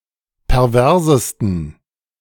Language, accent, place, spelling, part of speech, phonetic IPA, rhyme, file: German, Germany, Berlin, perversesten, adjective, [pɛʁˈvɛʁzəstn̩], -ɛʁzəstn̩, De-perversesten.ogg
- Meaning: 1. superlative degree of pervers 2. inflection of pervers: strong genitive masculine/neuter singular superlative degree